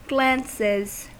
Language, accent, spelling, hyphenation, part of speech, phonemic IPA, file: English, US, glances, glances, noun / verb, /ˈɡlænsɪz/, En-us-glances.ogg
- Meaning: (noun) plural of glance; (verb) third-person singular simple present indicative of glance